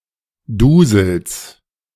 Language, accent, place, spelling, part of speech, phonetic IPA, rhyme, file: German, Germany, Berlin, Dusels, noun, [ˈduːzl̩s], -uːzl̩s, De-Dusels.ogg
- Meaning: genitive singular of Dusel